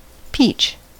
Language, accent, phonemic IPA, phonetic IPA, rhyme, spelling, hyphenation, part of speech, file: English, US, /ˈpiːt͡ʃ/, [ˈpɪi̯t͡ʃ], -iːtʃ, peach, peach, noun / adjective / verb, En-us-peach.ogg
- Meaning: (noun) Any tree of species Prunus persica, native to China and now widely cultivated throughout temperate regions, having pink flowers and edible fruit